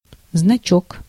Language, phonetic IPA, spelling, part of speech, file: Russian, [znɐˈt͡ɕɵk], значок, noun, Ru-значок.ogg
- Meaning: 1. diminutive of знак (znak), a small sign, symbol 2. badge (distinctive mark) 3. insignia